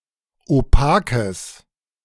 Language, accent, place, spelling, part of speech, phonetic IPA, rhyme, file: German, Germany, Berlin, opakes, adjective, [oˈpaːkəs], -aːkəs, De-opakes.ogg
- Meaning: strong/mixed nominative/accusative neuter singular of opak